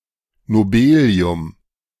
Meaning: nobelium
- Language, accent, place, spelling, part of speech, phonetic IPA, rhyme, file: German, Germany, Berlin, Nobelium, noun, [noˈbeːli̯ʊm], -eːli̯ʊm, De-Nobelium.ogg